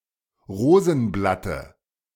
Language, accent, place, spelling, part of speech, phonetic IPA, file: German, Germany, Berlin, Rosenblatte, noun, [ˈʁoːzn̩ˌblatə], De-Rosenblatte.ogg
- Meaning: dative of Rosenblatt